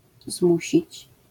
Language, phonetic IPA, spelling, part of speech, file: Polish, [ˈzmuɕit͡ɕ], zmusić, verb, LL-Q809 (pol)-zmusić.wav